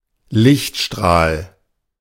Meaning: ray of light
- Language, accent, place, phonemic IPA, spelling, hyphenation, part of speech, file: German, Germany, Berlin, /ˈlɪçtˌʃtʁaːl/, Lichtstrahl, Licht‧strahl, noun, De-Lichtstrahl.ogg